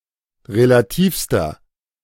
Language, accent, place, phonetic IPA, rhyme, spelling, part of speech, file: German, Germany, Berlin, [ʁelaˈtiːfstɐ], -iːfstɐ, relativster, adjective, De-relativster.ogg
- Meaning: inflection of relativ: 1. strong/mixed nominative masculine singular superlative degree 2. strong genitive/dative feminine singular superlative degree 3. strong genitive plural superlative degree